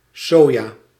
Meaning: soy
- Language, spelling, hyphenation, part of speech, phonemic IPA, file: Dutch, soja, so‧ja, noun, /ˈsoː.jaː/, Nl-soja.ogg